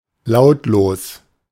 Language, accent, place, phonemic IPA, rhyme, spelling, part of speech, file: German, Germany, Berlin, /ˈlaʊ̯tloːs/, -oːs, lautlos, adjective, De-lautlos.ogg
- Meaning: soundless, silent